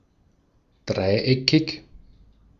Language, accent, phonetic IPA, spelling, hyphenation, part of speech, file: German, Austria, [ˈdʁaɪ̯ˌɛkʰɪç], dreieckig, drei‧eckig, adjective, De-at-dreieckig.ogg
- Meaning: triangular